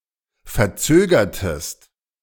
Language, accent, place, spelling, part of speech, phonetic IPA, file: German, Germany, Berlin, verzögertest, verb, [fɛɐ̯ˈt͡søːɡɐtəst], De-verzögertest.ogg
- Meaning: inflection of verzögern: 1. second-person singular preterite 2. second-person singular subjunctive II